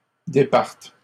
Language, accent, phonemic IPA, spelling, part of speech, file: French, Canada, /de.paʁt/, départent, verb, LL-Q150 (fra)-départent.wav
- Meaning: third-person plural present indicative/subjunctive of départir